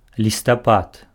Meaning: 1. November 2. autumn leaffall
- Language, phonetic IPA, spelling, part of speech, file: Belarusian, [lʲistaˈpat], лістапад, noun, Be-лістапад.ogg